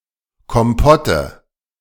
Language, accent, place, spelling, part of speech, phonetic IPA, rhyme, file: German, Germany, Berlin, Kompotte, noun, [kɔmˈpɔtə], -ɔtə, De-Kompotte.ogg
- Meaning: nominative/accusative/genitive plural of Kompott